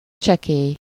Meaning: trifling, small, little
- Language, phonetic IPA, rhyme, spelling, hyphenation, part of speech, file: Hungarian, [ˈt͡ʃɛkeːj], -eːj, csekély, cse‧kély, adjective, Hu-csekély.ogg